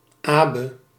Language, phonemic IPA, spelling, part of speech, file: Dutch, /abə/, Abe, proper noun, Nl-Abe.ogg
- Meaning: a male given name, West Frisian variant of Albert and Abel